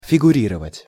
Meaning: to figure (as), to appear
- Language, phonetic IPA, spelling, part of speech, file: Russian, [fʲɪɡʊˈrʲirəvətʲ], фигурировать, verb, Ru-фигурировать.ogg